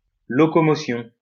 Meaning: locomotion
- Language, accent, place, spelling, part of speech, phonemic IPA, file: French, France, Lyon, locomotion, noun, /lɔ.kɔ.mɔ.sjɔ̃/, LL-Q150 (fra)-locomotion.wav